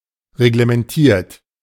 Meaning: 1. past participle of reglementieren 2. inflection of reglementieren: third-person singular present 3. inflection of reglementieren: second-person plural present
- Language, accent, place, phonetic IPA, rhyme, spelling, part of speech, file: German, Germany, Berlin, [ʁeɡləmɛnˈtiːɐ̯t], -iːɐ̯t, reglementiert, verb, De-reglementiert.ogg